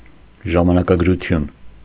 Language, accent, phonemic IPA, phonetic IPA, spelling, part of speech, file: Armenian, Eastern Armenian, /ʒɑmɑnɑkɑɡɾuˈtʰjun/, [ʒɑmɑnɑkɑɡɾut͡sʰjún], ժամանակագրություն, noun, Hy-ժամանակագրություն.ogg
- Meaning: 1. chronicle 2. chronology